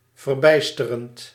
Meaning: present participle of verbijsteren
- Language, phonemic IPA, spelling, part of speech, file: Dutch, /vərˈbɛi̯stərənt/, verbijsterend, verb, Nl-verbijsterend.ogg